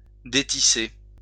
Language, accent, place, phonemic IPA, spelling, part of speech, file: French, France, Lyon, /de.ti.se/, détisser, verb, LL-Q150 (fra)-détisser.wav
- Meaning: to unweave